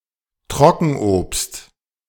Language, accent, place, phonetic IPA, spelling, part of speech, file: German, Germany, Berlin, [ˈtʁɔkn̩ʔoːpst], Trockenobst, noun, De-Trockenobst.ogg
- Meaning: dried fruit